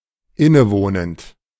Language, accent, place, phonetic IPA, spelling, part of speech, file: German, Germany, Berlin, [ˈɪnəˌvoːnənt], innewohnend, verb, De-innewohnend.ogg
- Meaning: inherent